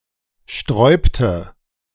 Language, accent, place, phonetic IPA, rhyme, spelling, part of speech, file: German, Germany, Berlin, [ˈʃtʁɔɪ̯ptə], -ɔɪ̯ptə, sträubte, verb, De-sträubte.ogg
- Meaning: inflection of sträuben: 1. first/third-person singular preterite 2. first/third-person singular subjunctive II